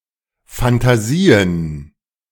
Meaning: dative plural of Phantasie
- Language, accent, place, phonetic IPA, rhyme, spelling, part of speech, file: German, Germany, Berlin, [fantaˈziːən], -iːən, Phantasien, noun, De-Phantasien.ogg